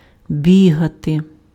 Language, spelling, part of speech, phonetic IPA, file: Ukrainian, бігати, verb, [ˈbʲiɦɐte], Uk-бігати.ogg
- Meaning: to run